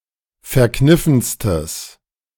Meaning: strong/mixed nominative/accusative neuter singular superlative degree of verkniffen
- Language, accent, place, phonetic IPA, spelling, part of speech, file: German, Germany, Berlin, [fɛɐ̯ˈknɪfn̩stəs], verkniffenstes, adjective, De-verkniffenstes.ogg